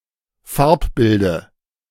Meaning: dative of Farbbild
- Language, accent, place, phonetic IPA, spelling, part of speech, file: German, Germany, Berlin, [ˈfaʁpˌbɪldə], Farbbilde, noun, De-Farbbilde.ogg